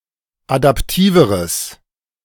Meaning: strong/mixed nominative/accusative neuter singular comparative degree of adaptiv
- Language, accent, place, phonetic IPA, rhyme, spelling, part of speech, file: German, Germany, Berlin, [adapˈtiːvəʁəs], -iːvəʁəs, adaptiveres, adjective, De-adaptiveres.ogg